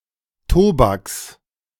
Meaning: genitive singular of Tobak
- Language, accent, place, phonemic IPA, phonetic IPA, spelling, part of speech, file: German, Germany, Berlin, /ˈtoːbaks/, [ˈtʰoːbaks], Tobaks, noun, De-Tobaks.ogg